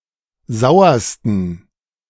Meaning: 1. superlative degree of sauer 2. inflection of sauer: strong genitive masculine/neuter singular superlative degree
- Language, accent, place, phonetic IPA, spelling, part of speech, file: German, Germany, Berlin, [ˈzaʊ̯ɐstn̩], sauersten, adjective, De-sauersten.ogg